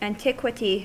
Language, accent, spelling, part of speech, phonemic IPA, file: English, US, antiquity, noun, /ænˈtɪk.wə.ti/, En-us-antiquity.ogg
- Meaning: 1. Ancient times; faraway history; former ages 2. The people of ancient times 3. An old gentleman